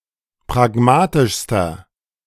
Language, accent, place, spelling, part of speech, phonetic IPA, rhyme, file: German, Germany, Berlin, pragmatischster, adjective, [pʁaˈɡmaːtɪʃstɐ], -aːtɪʃstɐ, De-pragmatischster.ogg
- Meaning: inflection of pragmatisch: 1. strong/mixed nominative masculine singular superlative degree 2. strong genitive/dative feminine singular superlative degree 3. strong genitive plural superlative degree